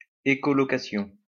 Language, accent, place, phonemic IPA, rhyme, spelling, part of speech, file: French, France, Lyon, /e.kɔ.lɔ.ka.sjɔ̃/, -ɔ̃, écholocation, noun, LL-Q150 (fra)-écholocation.wav
- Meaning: echolocation